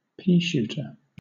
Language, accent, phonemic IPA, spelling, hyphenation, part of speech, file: English, Southern England, /ˈpiːˌʃuːtə(ɹ)/, peashooter, pea‧shoot‧er, noun, LL-Q1860 (eng)-peashooter.wav
- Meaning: 1. A toy weapon consisting of a tube through which dried peas or small objects are blown 2. A person who uses such a device 3. Any small or ineffective gun or weapon